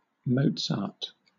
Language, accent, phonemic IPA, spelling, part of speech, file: English, Southern England, /ˈməʊtsɑːt/, Mozart, noun / proper noun, LL-Q1860 (eng)-Mozart.wav
- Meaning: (noun) 1. By analogy with Wolfgang Amadeus Mozart, a musical virtuoso 2. By extension, a virtuoso in any field